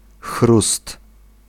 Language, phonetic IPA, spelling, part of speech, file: Polish, [xrust], chrust, noun, Pl-chrust.ogg